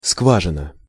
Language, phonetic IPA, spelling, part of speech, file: Russian, [ˈskvaʐɨnə], скважина, noun, Ru-скважина.ogg
- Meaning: 1. chink, crack, slit, gap, interstice, rift 2. pore, hole, aperture 3. borehole, drill hole 4. oil well